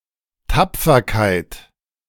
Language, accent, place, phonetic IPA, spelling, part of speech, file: German, Germany, Berlin, [ˈtap͡fɐkaɪ̯t], Tapferkeit, noun, De-Tapferkeit.ogg
- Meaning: bravery (being brave)